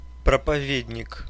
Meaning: preacher
- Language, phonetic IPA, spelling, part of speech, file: Russian, [prəpɐˈvʲedʲnʲɪk], проповедник, noun, Ru-пропове́дник.ogg